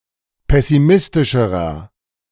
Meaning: inflection of pessimistisch: 1. strong/mixed nominative masculine singular comparative degree 2. strong genitive/dative feminine singular comparative degree
- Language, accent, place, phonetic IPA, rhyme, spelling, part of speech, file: German, Germany, Berlin, [ˌpɛsiˈmɪstɪʃəʁɐ], -ɪstɪʃəʁɐ, pessimistischerer, adjective, De-pessimistischerer.ogg